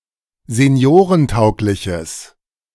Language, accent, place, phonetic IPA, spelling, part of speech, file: German, Germany, Berlin, [zeˈni̯oːʁənˌtaʊ̯klɪçəs], seniorentaugliches, adjective, De-seniorentaugliches.ogg
- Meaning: strong/mixed nominative/accusative neuter singular of seniorentauglich